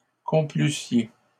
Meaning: second-person plural imperfect conditional of complaire
- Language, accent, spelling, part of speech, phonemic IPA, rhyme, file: French, Canada, complussiez, verb, /kɔ̃.ply.sje/, -e, LL-Q150 (fra)-complussiez.wav